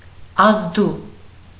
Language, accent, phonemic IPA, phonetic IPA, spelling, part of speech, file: Armenian, Eastern Armenian, /ɑzˈdu/, [ɑzdú], ազդու, adjective, Hy-ազդու.ogg
- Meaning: having an effect, effective, impressive